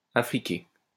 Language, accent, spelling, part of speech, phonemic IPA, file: French, France, affriquée, verb / noun, /a.fʁi.ke/, LL-Q150 (fra)-affriquée.wav
- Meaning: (verb) feminine singular of affriqué; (noun) affricate